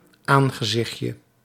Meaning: diminutive of aangezicht
- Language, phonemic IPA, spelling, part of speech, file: Dutch, /ˈaŋɣəˌzɪxcə/, aangezichtje, noun, Nl-aangezichtje.ogg